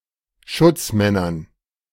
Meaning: dative plural of Schutzmann
- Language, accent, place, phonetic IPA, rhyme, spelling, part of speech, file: German, Germany, Berlin, [ˈʃʊt͡sˌmɛnɐn], -ʊt͡smɛnɐn, Schutzmännern, noun, De-Schutzmännern.ogg